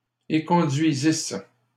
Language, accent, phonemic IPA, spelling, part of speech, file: French, Canada, /e.kɔ̃.dɥi.zis/, éconduisissent, verb, LL-Q150 (fra)-éconduisissent.wav
- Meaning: third-person plural imperfect subjunctive of éconduire